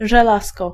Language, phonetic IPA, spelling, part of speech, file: Polish, [ʒɛˈlaskɔ], żelazko, noun, Pl-żelazko.ogg